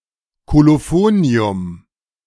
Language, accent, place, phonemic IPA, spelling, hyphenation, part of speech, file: German, Germany, Berlin, /koloˈfoːni̯ʊm/, Kolophonium, Ko‧lo‧pho‧ni‧um, noun, De-Kolophonium.ogg
- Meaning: colophony